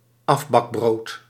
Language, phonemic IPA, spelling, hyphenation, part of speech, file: Dutch, /ˈɑf.bɑkˌbroːt/, afbakbrood, af‧bak‧brood, noun, Nl-afbakbrood.ogg
- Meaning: prebaked bread (bread that has been partially baked and can be baked in a domestic oven)